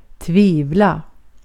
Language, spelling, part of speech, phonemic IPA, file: Swedish, tvivla, verb, /tviːvla/, Sv-tvivla.ogg
- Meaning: to doubt, to be in doubt